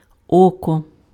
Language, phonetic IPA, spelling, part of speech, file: Ukrainian, [ˈɔkɔ], око, noun, Uk-око.ogg
- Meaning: 1. eye 2. oka: A unit of weight, approximately 1.2 kg 3. oka: A measure for alcoholic beverages, approximately 1-1.5 liters